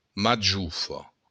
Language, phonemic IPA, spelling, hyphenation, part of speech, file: Occitan, /maˈdʒu.fɔ/, majofa, ma‧jo‧fa, noun, LL-Q942602-majofa.wav
- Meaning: strawberry